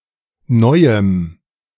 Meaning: dative of Neues
- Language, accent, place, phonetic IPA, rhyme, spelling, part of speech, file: German, Germany, Berlin, [ˈnɔɪ̯əm], -ɔɪ̯əm, Neuem, noun, De-Neuem.ogg